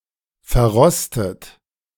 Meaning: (verb) past participle of verrosten; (adjective) rusty; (verb) inflection of verrosten: 1. third-person singular present 2. second-person plural present 3. second-person plural subjunctive I
- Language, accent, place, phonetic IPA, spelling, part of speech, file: German, Germany, Berlin, [fɛɐ̯ˈʁɔstət], verrostet, verb / adjective, De-verrostet.ogg